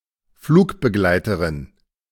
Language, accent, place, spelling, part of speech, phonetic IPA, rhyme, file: German, Germany, Berlin, Flugbegleiterin, noun, [ˈfluːkbəˌɡlaɪ̯təʁɪn], -uːkbəɡlaɪ̯təʁɪn, De-Flugbegleiterin.ogg
- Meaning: flight attendant, stewardess, air hostess, cabin attendant (female) (member of the crew of an airplane who is responsible for the comfort and safety of its passengers)